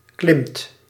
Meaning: inflection of klimmen: 1. second/third-person singular present indicative 2. plural imperative
- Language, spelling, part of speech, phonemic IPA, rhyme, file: Dutch, klimt, verb, /klɪmt/, -ɪmt, Nl-klimt.ogg